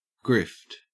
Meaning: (noun) A confidence game or swindle; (verb) 1. To obtain illegally, as by con game 2. To obtain money illegally 3. To obtain money immorally or through deceitful means
- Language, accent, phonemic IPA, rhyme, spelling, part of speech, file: English, Australia, /ɡɹɪft/, -ɪft, grift, noun / verb, En-au-grift.ogg